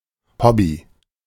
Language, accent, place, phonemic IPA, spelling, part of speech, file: German, Germany, Berlin, /ˈhɔbi/, Hobby, noun, De-Hobby.ogg
- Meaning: a hobby (activity)